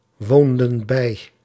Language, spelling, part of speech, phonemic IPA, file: Dutch, woonden bij, verb, /ˈwondə(n) ˈbɛi/, Nl-woonden bij.ogg
- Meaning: inflection of bijwonen: 1. plural past indicative 2. plural past subjunctive